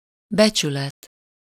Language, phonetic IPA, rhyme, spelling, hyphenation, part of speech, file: Hungarian, [ˈbɛt͡ʃylɛt], -ɛt, becsület, be‧csü‧let, noun, Hu-becsület.ogg
- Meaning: honor (GB honour), reputation